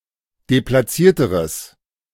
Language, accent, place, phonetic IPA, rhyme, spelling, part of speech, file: German, Germany, Berlin, [deplaˈt͡siːɐ̯təʁəs], -iːɐ̯təʁəs, deplatzierteres, adjective, De-deplatzierteres.ogg
- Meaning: strong/mixed nominative/accusative neuter singular comparative degree of deplatziert